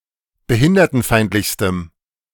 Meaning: strong dative masculine/neuter singular superlative degree of behindertenfeindlich
- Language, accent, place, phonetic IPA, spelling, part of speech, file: German, Germany, Berlin, [bəˈhɪndɐtn̩ˌfaɪ̯ntlɪçstəm], behindertenfeindlichstem, adjective, De-behindertenfeindlichstem.ogg